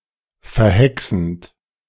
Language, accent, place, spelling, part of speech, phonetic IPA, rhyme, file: German, Germany, Berlin, verhexend, verb, [fɛɐ̯ˈhɛksn̩t], -ɛksn̩t, De-verhexend.ogg
- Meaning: present participle of verhexen